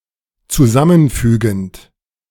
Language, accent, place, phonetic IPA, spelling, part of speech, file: German, Germany, Berlin, [t͡suˈzamənˌfyːɡn̩t], zusammenfügend, verb, De-zusammenfügend.ogg
- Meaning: present participle of zusammenfügen